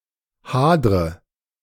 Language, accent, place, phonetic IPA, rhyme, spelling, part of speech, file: German, Germany, Berlin, [ˈhaːdʁə], -aːdʁə, hadre, verb, De-hadre.ogg
- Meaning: inflection of hadern: 1. first-person singular present 2. first/third-person singular subjunctive I 3. singular imperative